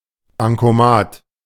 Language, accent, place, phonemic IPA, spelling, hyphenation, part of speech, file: German, Germany, Berlin, /baŋkoˈmaːt/, Bankomat, Ban‧ko‧mat, noun, De-Bankomat.ogg
- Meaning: synonym of Bankautomat